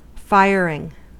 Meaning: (noun) 1. The process of applying heat or fire, especially to clay, etc., to produce pottery 2. The fuel for a fire 3. The act of adding fuel to a fire 4. The discharge of a gun or other weapon
- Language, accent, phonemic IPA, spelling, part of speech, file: English, US, /ˈfaɪ.ɚ.ɪŋ/, firing, noun / verb, En-us-firing.ogg